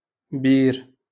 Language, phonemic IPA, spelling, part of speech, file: Moroccan Arabic, /biːr/, بير, noun, LL-Q56426 (ary)-بير.wav
- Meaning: well